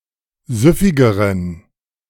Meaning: inflection of süffig: 1. strong genitive masculine/neuter singular comparative degree 2. weak/mixed genitive/dative all-gender singular comparative degree
- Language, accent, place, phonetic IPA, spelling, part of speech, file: German, Germany, Berlin, [ˈzʏfɪɡəʁən], süffigeren, adjective, De-süffigeren.ogg